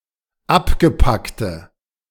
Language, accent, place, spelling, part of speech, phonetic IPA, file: German, Germany, Berlin, abgepackte, adjective, [ˈapɡəˌpaktə], De-abgepackte.ogg
- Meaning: inflection of abgepackt: 1. strong/mixed nominative/accusative feminine singular 2. strong nominative/accusative plural 3. weak nominative all-gender singular